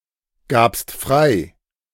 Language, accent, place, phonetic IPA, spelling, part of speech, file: German, Germany, Berlin, [ˌɡaːpst ˈfʁaɪ̯], gabst frei, verb, De-gabst frei.ogg
- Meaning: second-person singular preterite of freigeben